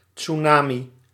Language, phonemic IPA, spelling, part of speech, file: Dutch, /tsuˈnaːmi/, tsunami, noun, Nl-tsunami.ogg
- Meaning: tsunami